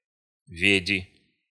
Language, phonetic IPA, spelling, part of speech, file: Russian, [ˈvʲedʲɪ], веди, noun, Ru-веди.ogg
- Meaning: name of the Cyrillic letter В, в